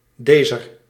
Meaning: 1. genitive singular feminine of deze; of this 2. genitive plural of deze; of these 3. dative singular feminine of deze; to this
- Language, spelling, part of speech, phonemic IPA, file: Dutch, dezer, pronoun, /ˈdezər/, Nl-dezer.ogg